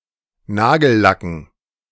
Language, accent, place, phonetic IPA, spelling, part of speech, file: German, Germany, Berlin, [ˈnaːɡl̩ˌlakn̩], Nagellacken, noun, De-Nagellacken.ogg
- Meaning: dative plural of Nagellack